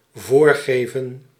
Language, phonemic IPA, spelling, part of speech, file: Dutch, /ˈvoːrˌɣeː.və(n)/, voorgeven, verb, Nl-voorgeven.ogg
- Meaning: to feign, to pretend